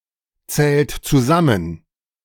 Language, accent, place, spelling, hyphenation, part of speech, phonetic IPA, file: German, Germany, Berlin, zählt zusammen, zählt zu‧sam‧men, verb, [ˌt͡sɛːlt t͡suˈzamən], De-zählt zusammen.ogg
- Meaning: inflection of zusammenzählen: 1. third-person singular present 2. second-person plural present 3. plural imperative